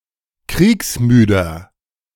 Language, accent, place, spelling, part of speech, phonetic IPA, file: German, Germany, Berlin, kriegsmüder, adjective, [ˈkʁiːksˌmyːdɐ], De-kriegsmüder.ogg
- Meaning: 1. comparative degree of kriegsmüde 2. inflection of kriegsmüde: strong/mixed nominative masculine singular 3. inflection of kriegsmüde: strong genitive/dative feminine singular